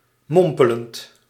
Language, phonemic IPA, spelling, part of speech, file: Dutch, /ˈmɔmpəlɛnt/, mompelend, verb / adjective, Nl-mompelend.ogg
- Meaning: present participle of mompelen